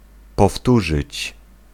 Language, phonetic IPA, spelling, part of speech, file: Polish, [pɔˈftuʒɨt͡ɕ], powtórzyć, verb, Pl-powtórzyć.ogg